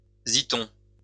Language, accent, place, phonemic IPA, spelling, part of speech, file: French, France, Lyon, /zi.tɔ̃/, zython, noun, LL-Q150 (fra)-zython.wav
- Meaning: zythum